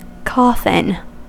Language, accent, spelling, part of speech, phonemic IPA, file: English, US, coffin, noun / verb, /ˈkɔfɪn/, En-us-coffin.ogg
- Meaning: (noun) 1. A closed box in which the body of a dead person is placed for burial 2. The eighth Lenormand card 3. A casing or crust, or a mold, of pastry, as for a pie